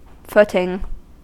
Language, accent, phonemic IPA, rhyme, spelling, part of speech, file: English, US, /ˈfʊtɪŋ/, -ʊtɪŋ, footing, noun / verb, En-us-footing.ogg
- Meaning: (noun) 1. A ground for the foot; place for the foot to rest on; firm foundation to stand on 2. A standing; position; established place; foothold 3. A relative condition; state